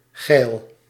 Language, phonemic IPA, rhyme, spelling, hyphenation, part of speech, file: Dutch, /ɣɛi̯l/, -ɛi̯l, geil, geil, adjective, Nl-geil.ogg
- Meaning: 1. voluptuous, lusty 2. horny, lusting, randy, sexually focused and/or aroused 3. too fat/ fertile 4. too abundantly growing, excessively luscious 5. cool 6. sexy, good looking, pretty